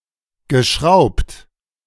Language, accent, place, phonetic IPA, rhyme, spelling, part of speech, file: German, Germany, Berlin, [ɡəˈʃʁaʊ̯pt], -aʊ̯pt, geschraubt, verb, De-geschraubt.ogg
- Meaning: past participle of schrauben